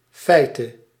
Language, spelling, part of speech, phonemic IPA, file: Dutch, feite, noun, /fɛi̯tə/, Nl-feite.ogg
- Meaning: dative singular of feit